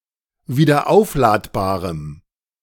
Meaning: strong dative masculine/neuter singular of wiederaufladbar
- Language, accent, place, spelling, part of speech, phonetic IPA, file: German, Germany, Berlin, wiederaufladbarem, adjective, [viːdɐˈʔaʊ̯flaːtbaːʁəm], De-wiederaufladbarem.ogg